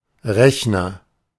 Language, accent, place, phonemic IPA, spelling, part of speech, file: German, Germany, Berlin, /ˈʁɛçnɐ/, Rechner, noun, De-Rechner.ogg
- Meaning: 1. agent noun of rechnen; person who calculates 2. computer 3. calculator (one that is either too big to fit in one's pocket or is a virtual calculator like in a phone or computer app)